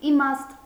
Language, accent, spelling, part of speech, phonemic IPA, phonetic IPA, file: Armenian, Eastern Armenian, իմաստ, noun, /iˈmɑst/, [imɑ́st], Hy-իմաստ.ogg
- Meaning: 1. sense, meaning 2. purport; point 3. point, sense